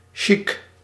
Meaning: alternative form of chic
- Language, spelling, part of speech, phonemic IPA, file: Dutch, sjiek, noun / adjective, /ʃik/, Nl-sjiek.ogg